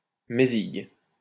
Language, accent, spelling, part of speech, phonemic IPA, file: French, France, mézigue, pronoun, /me.ziɡ/, LL-Q150 (fra)-mézigue.wav
- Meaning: me (first-person singular personal pronoun)